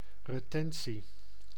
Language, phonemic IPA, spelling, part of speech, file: Dutch, /rəˈtɛn(t)si/, retentie, noun, Nl-retentie.ogg
- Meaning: 1. the retention, act of retaining something rather than returning it 2. the confiscation of a fief by the feudal lord 3. a remembrance, (retention in) memory